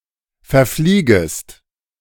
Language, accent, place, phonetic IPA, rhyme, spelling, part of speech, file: German, Germany, Berlin, [fɛɐ̯ˈfliːɡəst], -iːɡəst, verfliegest, verb, De-verfliegest.ogg
- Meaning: second-person singular subjunctive I of verfliegen